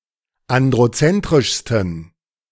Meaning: 1. superlative degree of androzentrisch 2. inflection of androzentrisch: strong genitive masculine/neuter singular superlative degree
- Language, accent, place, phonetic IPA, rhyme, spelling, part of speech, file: German, Germany, Berlin, [ˌandʁoˈt͡sɛntʁɪʃstn̩], -ɛntʁɪʃstn̩, androzentrischsten, adjective, De-androzentrischsten.ogg